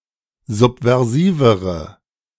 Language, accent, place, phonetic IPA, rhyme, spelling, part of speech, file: German, Germany, Berlin, [ˌzupvɛʁˈziːvəʁə], -iːvəʁə, subversivere, adjective, De-subversivere.ogg
- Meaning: inflection of subversiv: 1. strong/mixed nominative/accusative feminine singular comparative degree 2. strong nominative/accusative plural comparative degree